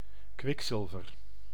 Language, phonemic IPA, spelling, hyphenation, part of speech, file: Dutch, /ˈkʋɪkˌsɪl.vər/, kwikzilver, kwik‧zil‧ver, noun, Nl-kwikzilver.ogg
- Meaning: mercury